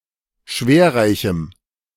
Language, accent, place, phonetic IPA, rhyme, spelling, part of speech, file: German, Germany, Berlin, [ˈʃveːɐ̯ˌʁaɪ̯çm̩], -eːɐ̯ʁaɪ̯çm̩, schwerreichem, adjective, De-schwerreichem.ogg
- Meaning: strong dative masculine/neuter singular of schwerreich